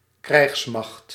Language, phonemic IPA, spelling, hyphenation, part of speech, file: Dutch, /ˈkrɛi̯xs.mɑxt/, krijgsmacht, krijgs‧macht, noun, Nl-krijgsmacht.ogg
- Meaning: armed forces